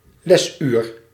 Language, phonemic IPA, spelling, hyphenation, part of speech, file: Dutch, /lɛzyr/, lesuur, les‧uur, noun, Nl-lesuur.ogg
- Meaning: hour for lecture